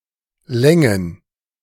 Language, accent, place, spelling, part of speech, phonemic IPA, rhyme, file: German, Germany, Berlin, Längen, noun, /ˈlɛŋən/, -ɛŋən, De-Längen.ogg
- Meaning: plural of Länge